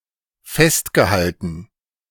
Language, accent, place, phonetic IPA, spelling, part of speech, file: German, Germany, Berlin, [ˈfɛstɡəˌhaltn̩], festgehalten, verb, De-festgehalten.ogg
- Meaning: past participle of festhalten